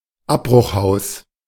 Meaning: condemned building
- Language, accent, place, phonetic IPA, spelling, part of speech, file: German, Germany, Berlin, [ˈapbʁʊxˌhaʊ̯s], Abbruchhaus, noun, De-Abbruchhaus.ogg